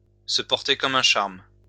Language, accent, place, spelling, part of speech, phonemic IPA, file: French, France, Lyon, se porter comme un charme, verb, /sə pɔʁ.te kɔ.m‿œ̃ ʃaʁm/, LL-Q150 (fra)-se porter comme un charme.wav
- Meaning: to be fine, to feel great